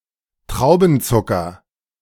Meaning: grape sugar, glucose
- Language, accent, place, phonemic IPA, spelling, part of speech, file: German, Germany, Berlin, /ˈtʁaʊ̯bn̩ˌt͡sʊkɐ/, Traubenzucker, noun, De-Traubenzucker.ogg